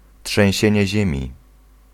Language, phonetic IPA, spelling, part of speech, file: Polish, [ṭʃɛ̃w̃ˈɕɛ̇̃ɲɛ ˈʑɛ̃mʲi], trzęsienie ziemi, noun, Pl-trzęsienie ziemi.ogg